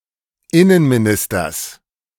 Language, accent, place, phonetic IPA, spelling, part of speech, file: German, Germany, Berlin, [ˈɪnənmiˌnɪstɐs], Innenministers, noun, De-Innenministers.ogg
- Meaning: genitive singular of Innenminister